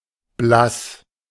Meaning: pale
- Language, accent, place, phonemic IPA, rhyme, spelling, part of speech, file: German, Germany, Berlin, /blas/, -as, blass, adjective, De-blass.ogg